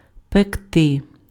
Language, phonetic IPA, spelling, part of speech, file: Ukrainian, [pekˈtɪ], пекти, verb, Uk-пекти.ogg
- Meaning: 1. to bake, to roast 2. to churn out 3. to scorch, to parch 4. to burn (a limb or other body part) 5. to burn, to sting, to smart 6. to be itching to do sth 7. to torment, to excruciate, to disturb